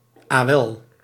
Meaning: well
- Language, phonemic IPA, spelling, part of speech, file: Dutch, /aˈwɛl/, awel, interjection, Nl-awel.ogg